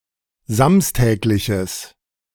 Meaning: strong/mixed nominative/accusative neuter singular of samstäglich
- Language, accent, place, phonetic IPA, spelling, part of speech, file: German, Germany, Berlin, [ˈzamstɛːklɪçəs], samstägliches, adjective, De-samstägliches.ogg